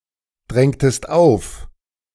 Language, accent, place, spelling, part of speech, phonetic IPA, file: German, Germany, Berlin, drängtest auf, verb, [ˌdʁɛŋtəst ˈaʊ̯f], De-drängtest auf.ogg
- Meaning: inflection of aufdrängen: 1. second-person singular preterite 2. second-person singular subjunctive II